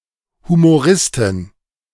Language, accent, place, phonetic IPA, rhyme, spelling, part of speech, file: German, Germany, Berlin, [humoˈʁɪstɪn], -ɪstɪn, Humoristin, noun, De-Humoristin.ogg
- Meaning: female equivalent of Humorist